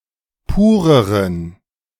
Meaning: inflection of pur: 1. strong genitive masculine/neuter singular comparative degree 2. weak/mixed genitive/dative all-gender singular comparative degree
- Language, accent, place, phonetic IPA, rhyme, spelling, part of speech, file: German, Germany, Berlin, [ˈpuːʁəʁən], -uːʁəʁən, pureren, adjective, De-pureren.ogg